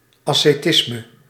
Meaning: asceticism
- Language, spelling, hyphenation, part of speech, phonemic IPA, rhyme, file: Dutch, ascetisme, as‧ce‧tis‧me, noun, /ˌɑ.seːˈtɪs.mə/, -ɪsmə, Nl-ascetisme.ogg